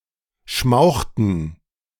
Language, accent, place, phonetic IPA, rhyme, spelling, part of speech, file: German, Germany, Berlin, [ˈʃmaʊ̯xtn̩], -aʊ̯xtn̩, schmauchten, verb, De-schmauchten.ogg
- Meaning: inflection of schmauchen: 1. first/third-person plural preterite 2. first/third-person plural subjunctive II